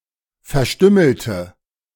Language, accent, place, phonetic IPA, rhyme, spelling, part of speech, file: German, Germany, Berlin, [fɛɐ̯ˈʃtʏml̩tə], -ʏml̩tə, verstümmelte, adjective / verb, De-verstümmelte.ogg
- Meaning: inflection of verstümmeln: 1. first/third-person singular preterite 2. first/third-person singular subjunctive II